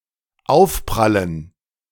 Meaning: dative plural of Aufprall
- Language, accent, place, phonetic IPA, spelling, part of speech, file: German, Germany, Berlin, [ˈaʊ̯fpʁalən], Aufprallen, noun, De-Aufprallen.ogg